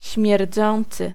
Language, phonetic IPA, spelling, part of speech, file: Polish, [ɕmʲjɛrˈd͡zɔ̃nt͡sɨ], śmierdzący, verb / adjective, Pl-śmierdzący.ogg